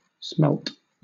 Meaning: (noun) 1. Any small anadromous fish of the family Osmeridae, found in the Atlantic and Pacific Oceans and in lakes in North America and northern part of Europe 2. A fool; a simpleton
- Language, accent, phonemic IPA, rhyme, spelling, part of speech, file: English, Southern England, /smɛlt/, -ɛlt, smelt, noun / verb, LL-Q1860 (eng)-smelt.wav